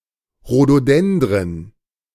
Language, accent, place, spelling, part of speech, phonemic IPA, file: German, Germany, Berlin, Rhododendren, noun, /ro.doˈdɛn.drən/, De-Rhododendren.ogg
- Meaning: plural of Rhododendron